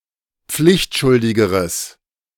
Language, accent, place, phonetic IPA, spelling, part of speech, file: German, Germany, Berlin, [ˈp͡flɪçtˌʃʊldɪɡəʁəs], pflichtschuldigeres, adjective, De-pflichtschuldigeres.ogg
- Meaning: strong/mixed nominative/accusative neuter singular comparative degree of pflichtschuldig